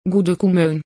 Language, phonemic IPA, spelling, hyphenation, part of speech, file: Volapük, /ɡudykuˈmøn/, gudükumön, gu‧dü‧ku‧mön, verb, Vo-gudükumön.ogg
- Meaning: 1. to make better 2. to improve